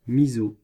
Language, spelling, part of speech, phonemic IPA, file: French, miso, noun, /mi.zo/, Fr-miso.ogg
- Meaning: miso